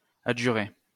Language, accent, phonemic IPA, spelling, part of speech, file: French, France, /a.dʒy.ʁe/, adjurer, verb, LL-Q150 (fra)-adjurer.wav
- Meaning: to implore